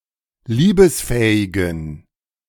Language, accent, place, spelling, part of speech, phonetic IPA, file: German, Germany, Berlin, liebesfähigen, adjective, [ˈliːbəsˌfɛːɪɡn̩], De-liebesfähigen.ogg
- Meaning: inflection of liebesfähig: 1. strong genitive masculine/neuter singular 2. weak/mixed genitive/dative all-gender singular 3. strong/weak/mixed accusative masculine singular 4. strong dative plural